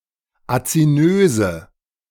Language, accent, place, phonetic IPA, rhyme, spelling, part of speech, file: German, Germany, Berlin, [at͡siˈnøːzə], -øːzə, azinöse, adjective, De-azinöse.ogg
- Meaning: inflection of azinös: 1. strong/mixed nominative/accusative feminine singular 2. strong nominative/accusative plural 3. weak nominative all-gender singular 4. weak accusative feminine/neuter singular